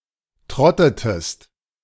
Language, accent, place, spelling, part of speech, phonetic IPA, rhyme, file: German, Germany, Berlin, trottetest, verb, [ˈtʁɔtətəst], -ɔtətəst, De-trottetest.ogg
- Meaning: inflection of trotten: 1. second-person singular preterite 2. second-person singular subjunctive II